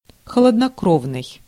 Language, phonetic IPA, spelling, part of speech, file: Russian, [xəɫədnɐˈkrovnɨj], холоднокровный, adjective, Ru-холоднокровный.ogg
- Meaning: cold-blooded, ectothermic